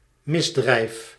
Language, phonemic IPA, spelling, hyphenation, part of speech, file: Dutch, /ˈmɪz.drɛi̯f/, misdrijf, mis‧drijf, noun, Nl-misdrijf.ogg
- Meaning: 1. felony 2. crime